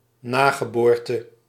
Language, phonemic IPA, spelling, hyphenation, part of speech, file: Dutch, /ˈnaː.ɣəˌboːr.tə/, nageboorte, na‧ge‧boor‧te, noun, Nl-nageboorte.ogg
- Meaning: afterbirth, placenta